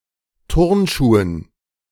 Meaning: dative plural of Turnschuh
- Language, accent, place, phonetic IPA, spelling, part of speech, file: German, Germany, Berlin, [ˈtʊʁnˌʃuːən], Turnschuhen, noun, De-Turnschuhen.ogg